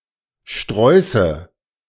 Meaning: nominative/accusative/genitive plural of Strauß
- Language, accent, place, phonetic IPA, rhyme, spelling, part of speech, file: German, Germany, Berlin, [ˈʃtʁɔɪ̯sə], -ɔɪ̯sə, Sträuße, noun, De-Sträuße.ogg